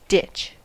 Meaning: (noun) 1. A trench; a long, shallow indentation, as for irrigation or drainage 2. A raised bank of earth and the hedgerow on top; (verb) To discard or abandon; to stop associating with (someone)
- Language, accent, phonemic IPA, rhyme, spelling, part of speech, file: English, US, /dɪt͡ʃ/, -ɪtʃ, ditch, noun / verb, En-us-ditch.ogg